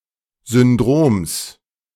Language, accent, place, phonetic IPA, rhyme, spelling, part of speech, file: German, Germany, Berlin, [zʏnˈdʁoːms], -oːms, Syndroms, noun, De-Syndroms.ogg
- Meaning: genitive singular of Syndrom